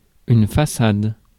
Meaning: 1. façade (of a building) 2. façade (deceptive outward appearance)
- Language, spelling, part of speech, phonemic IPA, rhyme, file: French, façade, noun, /fa.sad/, -ad, Fr-façade.ogg